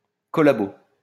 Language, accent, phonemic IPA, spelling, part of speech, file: French, France, /kɔ.la.bo/, collabo, noun, LL-Q150 (fra)-collabo.wav
- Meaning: quisling, traitor, collaborator